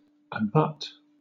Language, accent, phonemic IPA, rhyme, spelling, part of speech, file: English, Southern England, /əˈbʌt/, -ʌt, abut, verb, LL-Q1860 (eng)-abut.wav
- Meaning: 1. To touch by means of a mutual border, edge or end; to border on; to lie adjacent (to); to be contiguous (said of an area of land) 2. To border upon; be next to; abut on; be adjacent to